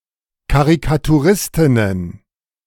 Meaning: plural of Karikaturistin
- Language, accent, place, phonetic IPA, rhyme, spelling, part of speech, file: German, Germany, Berlin, [kaʁikatuˈʁɪstɪnən], -ɪstɪnən, Karikaturistinnen, noun, De-Karikaturistinnen.ogg